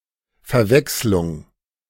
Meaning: confusion, mix-up
- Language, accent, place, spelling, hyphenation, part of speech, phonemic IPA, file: German, Germany, Berlin, Verwechslung, Ver‧wechs‧lung, noun, /fɛɐ̯ˈvɛkslʊŋ/, De-Verwechslung.ogg